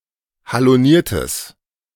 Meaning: strong/mixed nominative/accusative neuter singular of haloniert
- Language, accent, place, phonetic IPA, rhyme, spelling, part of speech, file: German, Germany, Berlin, [haloˈniːɐ̯təs], -iːɐ̯təs, haloniertes, adjective, De-haloniertes.ogg